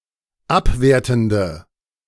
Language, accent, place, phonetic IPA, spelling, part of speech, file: German, Germany, Berlin, [ˈapˌveːɐ̯tn̩də], abwertende, adjective, De-abwertende.ogg
- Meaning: inflection of abwertend: 1. strong/mixed nominative/accusative feminine singular 2. strong nominative/accusative plural 3. weak nominative all-gender singular